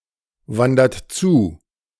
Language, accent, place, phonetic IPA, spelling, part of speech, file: German, Germany, Berlin, [ˌvandɐt ˈt͡suː], wandert zu, verb, De-wandert zu.ogg
- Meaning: inflection of zuwandern: 1. third-person singular present 2. second-person plural present 3. plural imperative